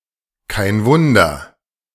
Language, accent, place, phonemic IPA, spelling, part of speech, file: German, Germany, Berlin, /kaɪ̯n ˈvʊndɐ/, kein Wunder, adverb, De-kein Wunder.ogg
- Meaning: no wonder